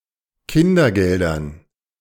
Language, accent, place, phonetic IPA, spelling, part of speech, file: German, Germany, Berlin, [ˈkɪndɐˌɡɛldɐn], Kindergeldern, noun, De-Kindergeldern.ogg
- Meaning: dative plural of Kindergeld